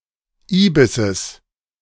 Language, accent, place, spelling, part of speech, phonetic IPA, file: German, Germany, Berlin, Ibisses, noun, [ˈiːbɪsəs], De-Ibisses.ogg
- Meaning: genitive of Ibis